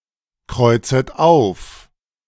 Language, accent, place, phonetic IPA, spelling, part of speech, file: German, Germany, Berlin, [ˌkʁɔɪ̯t͡sət ˈaʊ̯f], kreuzet auf, verb, De-kreuzet auf.ogg
- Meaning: second-person plural subjunctive I of aufkreuzen